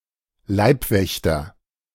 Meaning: bodyguard (male or of unspecified gender)
- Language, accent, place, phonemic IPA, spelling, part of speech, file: German, Germany, Berlin, /ˈlaɪ̯pˌvɛçtɐ/, Leibwächter, noun, De-Leibwächter.ogg